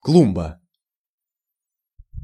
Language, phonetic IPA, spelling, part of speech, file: Russian, [ˈkɫumbə], клумба, noun, Ru-клумба.ogg
- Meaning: flowerbed